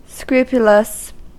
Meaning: 1. Exactly and carefully conducted 2. Having scruples or compunctions 3. Precise; exact or strict 4. Wrongly feeling guilt or anxiety about one’s morality; suffering from scrupulosity
- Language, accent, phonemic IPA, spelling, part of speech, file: English, US, /ˈskɹuː.pjə.ləs/, scrupulous, adjective, En-us-scrupulous.ogg